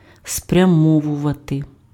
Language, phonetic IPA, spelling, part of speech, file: Ukrainian, [sprʲɐˈmɔwʊʋɐte], спрямовувати, verb, Uk-спрямовувати.ogg
- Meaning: to direct, to turn, to aim